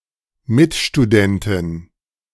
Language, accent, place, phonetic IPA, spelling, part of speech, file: German, Germany, Berlin, [ˈmɪtʃtuˌdɛntɪn], Mitstudentin, noun, De-Mitstudentin.ogg
- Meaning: fellow student (female)